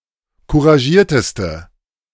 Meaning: inflection of couragiert: 1. strong/mixed nominative/accusative feminine singular superlative degree 2. strong nominative/accusative plural superlative degree
- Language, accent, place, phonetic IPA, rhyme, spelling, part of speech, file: German, Germany, Berlin, [kuʁaˈʒiːɐ̯təstə], -iːɐ̯təstə, couragierteste, adjective, De-couragierteste.ogg